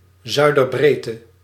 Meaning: southern latitude - The angular distance south from the equator, measured along the meridian at a particular point
- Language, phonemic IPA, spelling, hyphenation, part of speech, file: Dutch, /ˌzœy̯.dərˈbreː.tə/, zuiderbreedte, zui‧der‧breed‧te, noun, Nl-zuiderbreedte.ogg